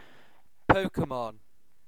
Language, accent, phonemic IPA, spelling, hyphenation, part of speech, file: English, UK, /ˈpəʊkəmɒn/, Pokémon, Po‧ké‧mon, proper noun / noun, En-uk-Pokémon.ogg
- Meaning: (proper noun) A Japanese media franchise featuring fictional creatures that are captured by humans and trained to battle each other